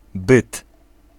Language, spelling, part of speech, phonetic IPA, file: Polish, byt, noun, [bɨt], Pl-byt.ogg